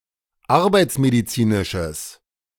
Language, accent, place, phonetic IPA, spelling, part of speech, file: German, Germany, Berlin, [ˈaʁbaɪ̯t͡smediˌt͡siːnɪʃəs], arbeitsmedizinisches, adjective, De-arbeitsmedizinisches.ogg
- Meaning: strong/mixed nominative/accusative neuter singular of arbeitsmedizinisch